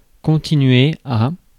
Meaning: to continue
- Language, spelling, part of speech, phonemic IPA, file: French, continuer, verb, /kɔ̃.ti.nɥe/, Fr-continuer.ogg